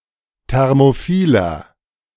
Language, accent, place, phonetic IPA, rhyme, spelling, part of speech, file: German, Germany, Berlin, [ˌtɛʁmoˈfiːlɐ], -iːlɐ, thermophiler, adjective, De-thermophiler.ogg
- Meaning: 1. comparative degree of thermophil 2. inflection of thermophil: strong/mixed nominative masculine singular 3. inflection of thermophil: strong genitive/dative feminine singular